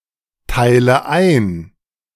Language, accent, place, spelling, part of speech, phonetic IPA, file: German, Germany, Berlin, teile ein, verb, [ˌtaɪ̯lə ˈaɪ̯n], De-teile ein.ogg
- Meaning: inflection of einteilen: 1. first-person singular present 2. first/third-person singular subjunctive I 3. singular imperative